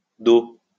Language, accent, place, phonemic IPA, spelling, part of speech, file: French, France, Lyon, /do/, Do, proper noun, LL-Q150 (fra)-Do.wav
- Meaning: a surname from Vietnamese